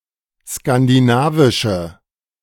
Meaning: inflection of skandinavisch: 1. strong/mixed nominative/accusative feminine singular 2. strong nominative/accusative plural 3. weak nominative all-gender singular
- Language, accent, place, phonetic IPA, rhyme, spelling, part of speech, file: German, Germany, Berlin, [skandiˈnaːvɪʃə], -aːvɪʃə, skandinavische, adjective, De-skandinavische.ogg